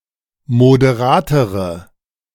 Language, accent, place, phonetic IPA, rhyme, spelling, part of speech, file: German, Germany, Berlin, [modeˈʁaːtəʁə], -aːtəʁə, moderatere, adjective, De-moderatere.ogg
- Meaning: inflection of moderat: 1. strong/mixed nominative/accusative feminine singular comparative degree 2. strong nominative/accusative plural comparative degree